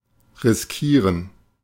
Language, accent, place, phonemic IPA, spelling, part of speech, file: German, Germany, Berlin, /ˌʁɪsˈkiːʁən/, riskieren, verb, De-riskieren.ogg
- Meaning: to risk